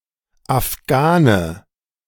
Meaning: 1. Afghan (person from Afghanistan or of Pashtun descent) 2. synonym of Afghanischer Windhund 3. synonym of Schwarzer Afghane (type of hashish)
- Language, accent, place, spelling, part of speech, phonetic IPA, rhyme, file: German, Germany, Berlin, Afghane, noun, [afˈɡaːnə], -aːnə, De-Afghane2.ogg